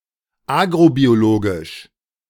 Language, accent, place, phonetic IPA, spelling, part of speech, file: German, Germany, Berlin, [ˈaːɡʁobioˌloːɡɪʃ], agrobiologisch, adjective, De-agrobiologisch.ogg
- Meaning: agrobiological